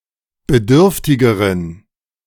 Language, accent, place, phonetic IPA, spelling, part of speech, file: German, Germany, Berlin, [bəˈdʏʁftɪɡəʁən], bedürftigeren, adjective, De-bedürftigeren.ogg
- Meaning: inflection of bedürftig: 1. strong genitive masculine/neuter singular comparative degree 2. weak/mixed genitive/dative all-gender singular comparative degree